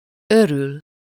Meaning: to be happy or glad, to rejoice (about something: -nak/-nek)
- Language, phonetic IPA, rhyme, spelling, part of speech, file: Hungarian, [ˈøryl], -yl, örül, verb, Hu-örül.ogg